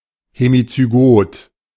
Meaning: hemizygous, hemizygotic
- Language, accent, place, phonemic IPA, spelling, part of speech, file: German, Germany, Berlin, /hemit͡syˈɡoːt/, hemizygot, adjective, De-hemizygot.ogg